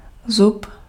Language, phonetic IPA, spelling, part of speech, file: Czech, [ˈzup], zub, noun, Cs-zub.ogg
- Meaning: 1. tooth (structure present in the mouth of many animals) 2. tooth (a projection on the edge of an instrument) 3. tooth (projection resembling a tooth) 4. nib, bite